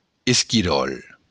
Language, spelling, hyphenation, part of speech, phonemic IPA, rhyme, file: Occitan, esquiròl, es‧qui‧ròl, noun, /es.kiˈɾɔl/, -ɔl, LL-Q942602-esquiròl.wav
- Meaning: squirrel